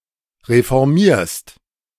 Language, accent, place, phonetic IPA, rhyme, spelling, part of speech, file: German, Germany, Berlin, [ʁefɔʁˈmiːɐ̯st], -iːɐ̯st, reformierst, verb, De-reformierst.ogg
- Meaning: second-person singular present of reformieren